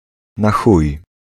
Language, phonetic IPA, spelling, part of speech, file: Polish, [na‿ˈxuj], na chuj, phrase, Pl-na chuj.ogg